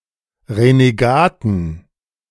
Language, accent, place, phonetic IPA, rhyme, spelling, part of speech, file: German, Germany, Berlin, [ʁeneˈɡaːtn̩], -aːtn̩, Renegaten, noun, De-Renegaten.ogg
- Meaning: inflection of Renegat: 1. genitive/dative/accusative singular 2. nominative/genitive/dative/accusative plural